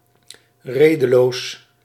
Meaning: irrational, without reason
- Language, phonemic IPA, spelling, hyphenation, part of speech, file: Dutch, /ˈreːdəloːs/, redeloos, rede‧loos, adjective, Nl-redeloos.ogg